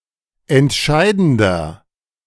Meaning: inflection of entscheidend: 1. strong/mixed nominative masculine singular 2. strong genitive/dative feminine singular 3. strong genitive plural
- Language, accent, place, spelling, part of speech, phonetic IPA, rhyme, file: German, Germany, Berlin, entscheidender, adjective, [ɛntˈʃaɪ̯dn̩dɐ], -aɪ̯dn̩dɐ, De-entscheidender.ogg